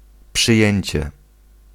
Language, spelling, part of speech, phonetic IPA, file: Polish, przyjęcie, noun, [pʃɨˈjɛ̇̃ɲt͡ɕɛ], Pl-przyjęcie.ogg